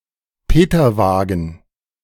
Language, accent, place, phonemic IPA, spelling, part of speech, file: German, Germany, Berlin, /ˈpeːtɐˌvaːɡn̩/, Peterwagen, noun, De-Peterwagen.ogg
- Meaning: patrol car